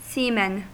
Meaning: plural of seaman
- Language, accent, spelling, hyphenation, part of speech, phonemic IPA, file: English, US, seamen, sea‧men, noun, /ˈsiːmɛn/, En-us-seamen.ogg